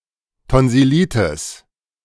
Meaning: tonsillitis
- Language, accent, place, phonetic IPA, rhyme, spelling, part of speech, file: German, Germany, Berlin, [tɔnzɪˈliːtɪs], -iːtɪs, Tonsillitis, noun, De-Tonsillitis.ogg